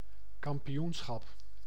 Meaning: 1. championship (competition to determine the champion) 2. championship (status or position as champion)
- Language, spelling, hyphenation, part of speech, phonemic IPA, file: Dutch, kampioenschap, kam‧pi‧oen‧schap, noun, /kɑm.piˈjuns.xɑp/, Nl-kampioenschap.ogg